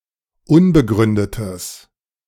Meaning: strong/mixed nominative/accusative neuter singular of unbegründet
- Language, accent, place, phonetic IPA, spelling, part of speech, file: German, Germany, Berlin, [ˈʊnbəˌɡʁʏndətəs], unbegründetes, adjective, De-unbegründetes.ogg